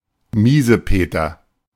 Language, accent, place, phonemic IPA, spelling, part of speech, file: German, Germany, Berlin, /ˈmiːzəˌpeːtɐ/, Miesepeter, noun, De-Miesepeter.ogg
- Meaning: 1. curmudgeon (ill-tempered person) 2. whinger